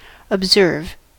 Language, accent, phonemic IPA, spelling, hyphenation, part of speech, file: English, US, /əbˈzɝv/, observe, ob‧serve, verb / noun, En-us-observe.ogg
- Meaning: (verb) 1. To notice or view, especially carefully or with attention to detail 2. To follow or obey the custom, practice, or rules (especially of a religion)